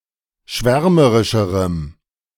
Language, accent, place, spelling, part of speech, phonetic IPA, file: German, Germany, Berlin, schwärmerischerem, adjective, [ˈʃvɛʁməʁɪʃəʁəm], De-schwärmerischerem.ogg
- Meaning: strong dative masculine/neuter singular comparative degree of schwärmerisch